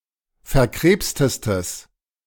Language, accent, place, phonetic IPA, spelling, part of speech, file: German, Germany, Berlin, [fɛɐ̯ˈkʁeːpstəstəs], verkrebstestes, adjective, De-verkrebstestes.ogg
- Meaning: strong/mixed nominative/accusative neuter singular superlative degree of verkrebst